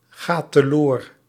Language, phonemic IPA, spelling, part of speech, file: Dutch, /ˈɣat təˈlor/, gaat teloor, verb, Nl-gaat teloor.ogg
- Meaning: inflection of teloorgaan: 1. second/third-person singular present indicative 2. plural imperative